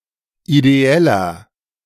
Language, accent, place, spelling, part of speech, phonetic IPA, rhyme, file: German, Germany, Berlin, ideeller, adjective, [ideˈɛlɐ], -ɛlɐ, De-ideeller.ogg
- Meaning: 1. comparative degree of ideell 2. inflection of ideell: strong/mixed nominative masculine singular 3. inflection of ideell: strong genitive/dative feminine singular